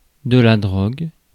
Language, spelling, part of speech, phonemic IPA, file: French, drogue, noun, /dʁɔɡ/, Fr-drogue.ogg
- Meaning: drug